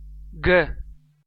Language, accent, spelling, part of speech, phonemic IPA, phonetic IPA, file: Armenian, Eastern Armenian, գ, character, /ɡə/, [ɡə], Hy-EA-գ.ogg
- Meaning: The 3rd letter of Armenian alphabet, called գիմ (gim). Transliterated as g